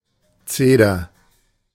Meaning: cedar (tree)
- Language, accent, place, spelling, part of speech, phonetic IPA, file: German, Germany, Berlin, Zeder, noun, [ˈtseː.dɐ], De-Zeder.ogg